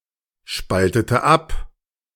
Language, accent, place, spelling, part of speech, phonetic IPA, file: German, Germany, Berlin, spaltete ab, verb, [ˌʃpaltətə ˈap], De-spaltete ab.ogg
- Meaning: inflection of abspalten: 1. first/third-person singular preterite 2. first/third-person singular subjunctive II